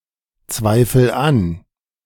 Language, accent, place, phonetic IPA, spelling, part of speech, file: German, Germany, Berlin, [ˌt͡svaɪ̯fl̩ ˈan], zweifel an, verb, De-zweifel an.ogg
- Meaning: inflection of anzweifeln: 1. first-person singular present 2. singular imperative